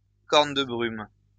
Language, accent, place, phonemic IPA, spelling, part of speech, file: French, France, Lyon, /kɔʁ.n(ə) də bʁym/, corne de brume, noun, LL-Q150 (fra)-corne de brume.wav
- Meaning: foghorn